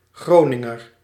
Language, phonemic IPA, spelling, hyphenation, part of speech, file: Dutch, /ˈɣroː.nɪ.ŋər/, Groninger, Gro‧nin‧ger, noun / adjective, Nl-Groninger.ogg
- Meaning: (noun) 1. an inhabitant or native of the city Groningen 2. an inhabitant or native of the province Groningen; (adjective) of or from Groningen